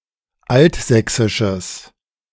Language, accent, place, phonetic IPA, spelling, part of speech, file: German, Germany, Berlin, [ˈaltˌzɛksɪʃəs], altsächsisches, adjective, De-altsächsisches.ogg
- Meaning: strong/mixed nominative/accusative neuter singular of altsächsisch